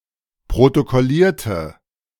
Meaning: inflection of protokollieren: 1. first/third-person singular preterite 2. first/third-person singular subjunctive II
- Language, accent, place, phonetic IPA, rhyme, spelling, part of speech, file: German, Germany, Berlin, [pʁotokɔˈliːɐ̯tə], -iːɐ̯tə, protokollierte, adjective / verb, De-protokollierte.ogg